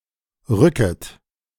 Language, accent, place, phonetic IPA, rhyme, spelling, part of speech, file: German, Germany, Berlin, [ˈʁʏkət], -ʏkət, rücket, verb, De-rücket.ogg
- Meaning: second-person plural subjunctive I of rücken